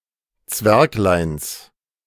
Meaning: genitive of Zwerglein
- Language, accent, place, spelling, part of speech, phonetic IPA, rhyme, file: German, Germany, Berlin, Zwergleins, noun, [ˈt͡svɛʁklaɪ̯ns], -ɛʁklaɪ̯ns, De-Zwergleins.ogg